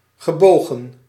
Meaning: past participle of buigen
- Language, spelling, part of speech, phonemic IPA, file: Dutch, gebogen, verb, /ɣəˈboːɣə(n)/, Nl-gebogen.ogg